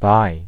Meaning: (adjective) 1. Clipping of bisexual 2. Clipping of bigender; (noun) 1. Clipping of bisexual: A bisexual person 2. A biceps muscle
- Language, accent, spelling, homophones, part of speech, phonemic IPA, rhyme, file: English, US, bi, bye / buy / by, adjective / noun, /baɪ/, -aɪ, En-us-bi.ogg